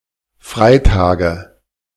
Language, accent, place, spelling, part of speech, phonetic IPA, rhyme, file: German, Germany, Berlin, Freitage, noun, [ˈfʁaɪ̯ˌtaːɡə], -aɪ̯taːɡə, De-Freitage.ogg
- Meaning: nominative/accusative/genitive plural of Freitag